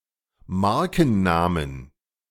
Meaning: 1. plural of Markenname 2. dative plural of Markenname
- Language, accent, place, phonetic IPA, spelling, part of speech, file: German, Germany, Berlin, [ˈmaʁkn̩ˌnaːmən], Markennamen, noun, De-Markennamen.ogg